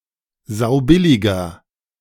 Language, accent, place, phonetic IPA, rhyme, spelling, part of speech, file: German, Germany, Berlin, [ˈzaʊ̯ˈbɪlɪɡɐ], -ɪlɪɡɐ, saubilliger, adjective, De-saubilliger.ogg
- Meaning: inflection of saubillig: 1. strong/mixed nominative masculine singular 2. strong genitive/dative feminine singular 3. strong genitive plural